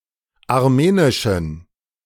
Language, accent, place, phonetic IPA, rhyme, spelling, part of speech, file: German, Germany, Berlin, [aʁˈmeːnɪʃn̩], -eːnɪʃn̩, armenischen, adjective, De-armenischen.ogg
- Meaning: inflection of armenisch: 1. strong genitive masculine/neuter singular 2. weak/mixed genitive/dative all-gender singular 3. strong/weak/mixed accusative masculine singular 4. strong dative plural